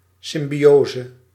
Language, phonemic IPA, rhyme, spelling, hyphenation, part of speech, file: Dutch, /ˌsɪm.biˈoː.zə/, -oːzə, symbiose, sym‧bio‧se, noun, Nl-symbiose.ogg
- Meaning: symbiosis